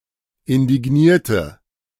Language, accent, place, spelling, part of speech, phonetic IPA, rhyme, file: German, Germany, Berlin, indignierte, adjective / verb, [ɪndɪˈɡniːɐ̯tə], -iːɐ̯tə, De-indignierte.ogg
- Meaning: inflection of indigniert: 1. strong/mixed nominative/accusative feminine singular 2. strong nominative/accusative plural 3. weak nominative all-gender singular